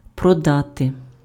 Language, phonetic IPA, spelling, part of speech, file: Ukrainian, [prɔˈdate], продати, verb, Uk-продати.ogg
- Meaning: to sell (to agree to transfer goods or provide services)